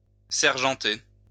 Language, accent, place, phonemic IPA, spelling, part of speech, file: French, France, Lyon, /sɛʁ.ʒɑ̃.te/, sergenter, verb, LL-Q150 (fra)-sergenter.wav
- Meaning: "to send bailiffs after one; importune or press upon one"